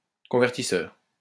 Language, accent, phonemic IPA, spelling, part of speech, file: French, France, /kɔ̃.vɛʁ.ti.sœʁ/, convertisseur, noun, LL-Q150 (fra)-convertisseur.wav
- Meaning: converter (a person or thing that converts)